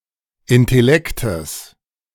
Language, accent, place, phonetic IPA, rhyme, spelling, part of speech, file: German, Germany, Berlin, [ɪntɛˈlɛktəs], -ɛktəs, Intellektes, noun, De-Intellektes.ogg
- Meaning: genitive singular of Intellekt